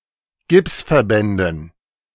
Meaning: dative plural of Gipsverband
- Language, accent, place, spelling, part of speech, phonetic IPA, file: German, Germany, Berlin, Gipsverbänden, noun, [ˈɡɪpsfɛɐ̯ˌbɛndn̩], De-Gipsverbänden.ogg